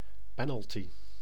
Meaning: penalty kick
- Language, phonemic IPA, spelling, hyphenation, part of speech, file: Dutch, /ˈpɛnəlˌti/, penalty, pe‧nal‧ty, noun, Nl-penalty.ogg